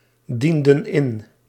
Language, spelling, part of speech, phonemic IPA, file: Dutch, dienden in, verb, /ˈdində(n) ˈɪn/, Nl-dienden in.ogg
- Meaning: inflection of indienen: 1. plural past indicative 2. plural past subjunctive